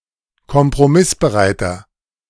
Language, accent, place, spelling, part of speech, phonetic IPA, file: German, Germany, Berlin, kompromissbereiter, adjective, [kɔmpʁoˈmɪsbəˌʁaɪ̯tɐ], De-kompromissbereiter.ogg
- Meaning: 1. comparative degree of kompromissbereit 2. inflection of kompromissbereit: strong/mixed nominative masculine singular 3. inflection of kompromissbereit: strong genitive/dative feminine singular